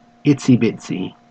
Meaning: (adjective) Very small; minuscule; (noun) A very small thing; something tiny or insignificant
- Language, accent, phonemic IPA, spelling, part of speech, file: English, Australia, /ˈɪtsi ˈbɪtsi/, itsy-bitsy, adjective / noun, En-au-itsy bitsy.ogg